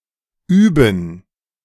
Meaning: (verb) 1. to practice, to drill, to train 2. to exercise, to perform; used to form verbal phrases with certain behavior-describing nouns 3. to practice
- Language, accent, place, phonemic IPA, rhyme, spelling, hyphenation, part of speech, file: German, Germany, Berlin, /ˈyːbən/, -yːbən, üben, üben, verb / adverb, De-üben.ogg